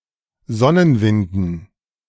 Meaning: dative plural of Sonnenwind
- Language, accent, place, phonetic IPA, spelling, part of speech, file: German, Germany, Berlin, [ˈzɔnənˌvɪndn̩], Sonnenwinden, noun, De-Sonnenwinden.ogg